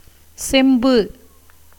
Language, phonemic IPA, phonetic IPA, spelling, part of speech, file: Tamil, /tʃɛmbɯ/, [se̞mbɯ], செம்பு, noun, Ta-செம்பு.ogg
- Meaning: copper (a reddish-brown metallic chemical element (symbol Cu) with the atomic number 29; also, the metal made up of this element)